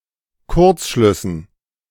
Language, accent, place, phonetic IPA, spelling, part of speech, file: German, Germany, Berlin, [ˈkʊʁt͡sˌʃlʏsn̩], Kurzschlüssen, noun, De-Kurzschlüssen.ogg
- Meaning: dative plural of Kurzschluss